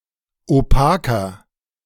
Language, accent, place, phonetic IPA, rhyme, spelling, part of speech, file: German, Germany, Berlin, [oˈpaːkɐ], -aːkɐ, opaker, adjective, De-opaker.ogg
- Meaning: 1. comparative degree of opak 2. inflection of opak: strong/mixed nominative masculine singular 3. inflection of opak: strong genitive/dative feminine singular